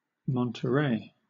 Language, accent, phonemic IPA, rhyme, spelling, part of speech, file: English, Southern England, /ˌmɒntəˈɹeɪ/, -eɪ, Monterey, proper noun / adjective, LL-Q1860 (eng)-Monterey.wav
- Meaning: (proper noun) The place name of various cities and counties.: A number of places in the United States, including: A city in Monterey County, California